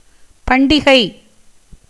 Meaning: festival, feast, feast day
- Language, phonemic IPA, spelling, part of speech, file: Tamil, /pɐɳɖɪɡɐɪ̯/, பண்டிகை, noun, Ta-பண்டிகை.ogg